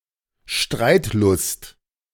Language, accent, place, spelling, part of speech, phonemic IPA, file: German, Germany, Berlin, Streitlust, noun, /ˈʃtʁaɪ̯tˌlʊst/, De-Streitlust.ogg
- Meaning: belligerence, combativeness, quick-wittedness